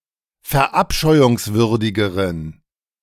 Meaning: inflection of verabscheuungswürdig: 1. strong genitive masculine/neuter singular comparative degree 2. weak/mixed genitive/dative all-gender singular comparative degree
- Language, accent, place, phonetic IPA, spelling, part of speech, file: German, Germany, Berlin, [fɛɐ̯ˈʔapʃɔɪ̯ʊŋsvʏʁdɪɡəʁən], verabscheuungswürdigeren, adjective, De-verabscheuungswürdigeren.ogg